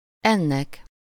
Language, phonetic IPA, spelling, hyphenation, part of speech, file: Hungarian, [ˈɛnːɛk], ennek, en‧nek, pronoun, Hu-ennek.ogg
- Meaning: dative singular of ez